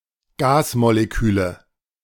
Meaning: nominative/accusative/genitive plural of Gasmolekül
- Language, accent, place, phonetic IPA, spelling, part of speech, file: German, Germany, Berlin, [ˈɡaːsmoleˌkyːlə], Gasmoleküle, noun, De-Gasmoleküle.ogg